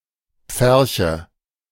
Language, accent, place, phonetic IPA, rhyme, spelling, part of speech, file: German, Germany, Berlin, [ˈp͡fɛʁçə], -ɛʁçə, Pferche, noun, De-Pferche.ogg
- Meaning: nominative/accusative/genitive plural of Pferch